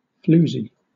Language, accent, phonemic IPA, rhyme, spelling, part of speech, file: English, Southern England, /ˈfluː.zi/, -uːzi, floozie, noun, LL-Q1860 (eng)-floozie.wav
- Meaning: 1. A vulgar or sexually promiscuous woman; a hussy or slattern 2. A prostitute who attracts customers by walking the streets